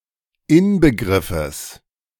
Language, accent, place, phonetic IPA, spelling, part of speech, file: German, Germany, Berlin, [ˈɪnbəˌɡʁɪfəs], Inbegriffes, noun, De-Inbegriffes.ogg
- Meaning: genitive singular of Inbegriff